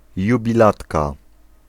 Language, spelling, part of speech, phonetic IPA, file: Polish, jubilatka, noun, [ˌjubʲiˈlatka], Pl-jubilatka.ogg